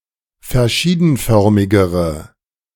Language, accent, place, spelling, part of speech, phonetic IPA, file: German, Germany, Berlin, verschiedenförmigere, adjective, [fɛɐ̯ˈʃiːdn̩ˌfœʁmɪɡəʁə], De-verschiedenförmigere.ogg
- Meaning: inflection of verschiedenförmig: 1. strong/mixed nominative/accusative feminine singular comparative degree 2. strong nominative/accusative plural comparative degree